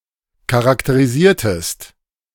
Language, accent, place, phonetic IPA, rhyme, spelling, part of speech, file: German, Germany, Berlin, [kaʁakteʁiˈziːɐ̯təst], -iːɐ̯təst, charakterisiertest, verb, De-charakterisiertest.ogg
- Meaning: inflection of charakterisieren: 1. second-person singular preterite 2. second-person singular subjunctive II